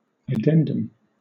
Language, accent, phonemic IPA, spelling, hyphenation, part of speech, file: English, Southern England, /əˈdɛn.dəm/, addendum, ad‧den‧dum, noun, LL-Q1860 (eng)-addendum.wav
- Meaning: 1. Something to be added; especially text added as an appendix or supplement to a document 2. A postscript